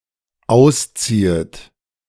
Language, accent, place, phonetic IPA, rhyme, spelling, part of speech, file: German, Germany, Berlin, [ˈaʊ̯sˌt͡siːət], -aʊ̯st͡siːət, ausziehet, verb, De-ausziehet.ogg
- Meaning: second-person plural dependent subjunctive I of ausziehen